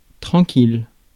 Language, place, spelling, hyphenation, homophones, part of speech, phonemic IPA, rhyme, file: French, Paris, tranquille, tran‧quille, tranquilles, adjective, /tʁɑ̃.kil/, -il, Fr-tranquille.ogg
- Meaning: calm, quiet, tranquil, still, peaceful, serene